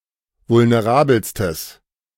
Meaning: strong/mixed nominative/accusative neuter singular superlative degree of vulnerabel
- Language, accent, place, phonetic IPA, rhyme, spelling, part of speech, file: German, Germany, Berlin, [vʊlneˈʁaːbl̩stəs], -aːbl̩stəs, vulnerabelstes, adjective, De-vulnerabelstes.ogg